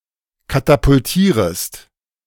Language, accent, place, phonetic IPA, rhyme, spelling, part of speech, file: German, Germany, Berlin, [katapʊlˈtiːʁəst], -iːʁəst, katapultierest, verb, De-katapultierest.ogg
- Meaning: second-person singular subjunctive I of katapultieren